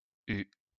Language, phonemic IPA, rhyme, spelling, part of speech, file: French, /y/, -y, u, character, LL-Q150 (fra)-u.wav
- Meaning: The twenty-first letter of the French alphabet, written in the Latin script